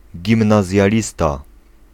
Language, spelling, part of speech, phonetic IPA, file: Polish, gimnazjalista, noun, [ˌɟĩmnazʲjaˈlʲista], Pl-gimnazjalista.ogg